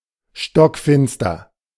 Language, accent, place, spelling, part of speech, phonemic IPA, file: German, Germany, Berlin, stockfinster, adjective, /ʃtɔkˈfɪnstɐ/, De-stockfinster.ogg
- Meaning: pitch-black, pitch-dark